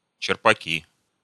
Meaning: inflection of черпа́к (čerpák): 1. nominative plural 2. inanimate accusative plural
- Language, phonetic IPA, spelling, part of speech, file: Russian, [t͡ɕɪrpɐˈkʲi], черпаки, noun, Ru-черпаки.ogg